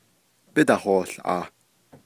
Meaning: second-person plural imperfective of yíhoołʼaah
- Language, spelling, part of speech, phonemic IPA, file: Navajo, bídahoołʼaah, verb, /pɪ́dɑ̀hòːɬʔɑ̀ːh/, Nv-bídahoołʼaah.ogg